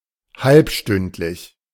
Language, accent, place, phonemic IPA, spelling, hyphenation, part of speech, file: German, Germany, Berlin, /ˈhalpˌʃtʏntlɪç/, halbstündlich, halb‧stünd‧lich, adjective, De-halbstündlich.ogg
- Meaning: half-hourly